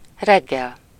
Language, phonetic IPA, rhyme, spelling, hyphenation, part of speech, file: Hungarian, [ˈrɛɡːɛl], -ɛl, reggel, reg‧gel, adverb / noun, Hu-reggel.ogg
- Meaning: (adverb) in the morning (approx. between 6 and 9 a.m., depending on wakeup time, working time, start of daylight etc.); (noun) morning